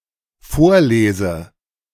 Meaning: inflection of vorlesen: 1. first-person singular dependent present 2. first/third-person singular dependent subjunctive I
- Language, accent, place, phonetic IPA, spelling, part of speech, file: German, Germany, Berlin, [ˈfoːɐ̯ˌleːzə], vorlese, verb, De-vorlese.ogg